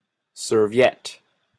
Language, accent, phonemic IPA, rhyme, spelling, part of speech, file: English, Canada, /ˌsɝ.viˈɛt/, -ɛt, serviette, noun, En-ca-serviette.opus
- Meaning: 1. A table napkin, now especially a paper one 2. A lazy Susan